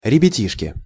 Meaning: 1. endearing diminutive of ребя́та (rebjáta): (small) children, kids 2. group of children, kids
- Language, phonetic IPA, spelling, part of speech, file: Russian, [rʲɪbʲɪˈtʲiʂkʲɪ], ребятишки, noun, Ru-ребятишки.ogg